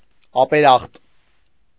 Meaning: ungrateful, unappreciative, thankless
- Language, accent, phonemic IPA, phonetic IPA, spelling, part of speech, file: Armenian, Eastern Armenian, /ɑpeˈɾɑχt/, [ɑpeɾɑ́χt], ապերախտ, adjective, Hy-ապերախտ.ogg